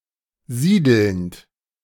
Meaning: present participle of siedeln
- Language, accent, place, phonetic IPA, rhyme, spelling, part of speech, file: German, Germany, Berlin, [ˈziːdl̩nt], -iːdl̩nt, siedelnd, verb, De-siedelnd.ogg